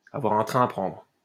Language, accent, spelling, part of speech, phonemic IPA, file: French, France, avoir un train à prendre, verb, /a.vwaʁ œ̃ tʁɛ̃ a pʁɑ̃dʁ/, LL-Q150 (fra)-avoir un train à prendre.wav
- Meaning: to be in a hurry